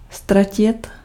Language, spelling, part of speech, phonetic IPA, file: Czech, ztratit, verb, [ˈstracɪt], Cs-ztratit.ogg
- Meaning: 1. to lose 2. to go missing, to get lost, to go astray